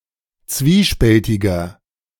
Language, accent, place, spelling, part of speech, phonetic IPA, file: German, Germany, Berlin, zwiespältiger, adjective, [ˈt͡sviːˌʃpɛltɪɡɐ], De-zwiespältiger.ogg
- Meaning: 1. comparative degree of zwiespältig 2. inflection of zwiespältig: strong/mixed nominative masculine singular 3. inflection of zwiespältig: strong genitive/dative feminine singular